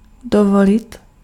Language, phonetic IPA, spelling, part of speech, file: Czech, [ˈdovolɪt], dovolit, verb, Cs-dovolit.ogg
- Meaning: 1. to allow, to permit 2. to afford 3. to be impudent 4. to take the liberty